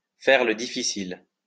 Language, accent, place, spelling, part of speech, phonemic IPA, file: French, France, Lyon, faire le difficile, verb, /fɛʁ lə di.fi.sil/, LL-Q150 (fra)-faire le difficile.wav
- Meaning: to be choosy, to be nitpicky, to be particular, to be difficult